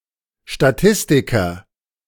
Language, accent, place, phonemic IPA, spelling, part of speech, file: German, Germany, Berlin, /ʃtaˈtɪstikɐ/, Statistiker, noun, De-Statistiker.ogg
- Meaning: statistician (male or of unspecified gender)